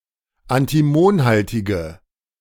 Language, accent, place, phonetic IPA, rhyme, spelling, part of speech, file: German, Germany, Berlin, [antiˈmoːnˌhaltɪɡə], -oːnhaltɪɡə, antimonhaltige, adjective, De-antimonhaltige.ogg
- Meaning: inflection of antimonhaltig: 1. strong/mixed nominative/accusative feminine singular 2. strong nominative/accusative plural 3. weak nominative all-gender singular